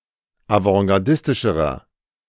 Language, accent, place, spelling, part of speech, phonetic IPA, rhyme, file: German, Germany, Berlin, avantgardistischerer, adjective, [avɑ̃ɡaʁˈdɪstɪʃəʁɐ], -ɪstɪʃəʁɐ, De-avantgardistischerer.ogg
- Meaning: inflection of avantgardistisch: 1. strong/mixed nominative masculine singular comparative degree 2. strong genitive/dative feminine singular comparative degree